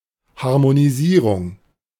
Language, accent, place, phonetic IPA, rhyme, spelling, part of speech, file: German, Germany, Berlin, [haʁmoniˈziːʁʊŋ], -iːʁʊŋ, Harmonisierung, noun, De-Harmonisierung.ogg
- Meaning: harmonization